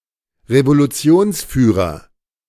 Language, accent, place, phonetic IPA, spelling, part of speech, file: German, Germany, Berlin, [ʁevoluˈt͡si̯oːnsˌfyːʁɐ], Revolutionsführer, noun, De-Revolutionsführer.ogg
- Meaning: leader of the/a revolution